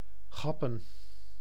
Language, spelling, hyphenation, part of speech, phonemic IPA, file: Dutch, gappen, gap‧pen, verb, /ˈɣɑpə(n)/, Nl-gappen.ogg
- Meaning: to steal, to appropriate oneself something